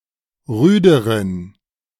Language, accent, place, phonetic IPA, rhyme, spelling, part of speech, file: German, Germany, Berlin, [ˈʁyːdəʁən], -yːdəʁən, rüderen, adjective, De-rüderen.ogg
- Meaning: inflection of rüde: 1. strong genitive masculine/neuter singular comparative degree 2. weak/mixed genitive/dative all-gender singular comparative degree